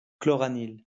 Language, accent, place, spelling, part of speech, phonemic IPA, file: French, France, Lyon, chloranile, noun, /klɔ.ʁa.nil/, LL-Q150 (fra)-chloranile.wav
- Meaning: chloranil